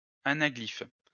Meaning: anaglyph
- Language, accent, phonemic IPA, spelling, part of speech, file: French, France, /a.na.ɡlif/, anaglyphe, noun, LL-Q150 (fra)-anaglyphe.wav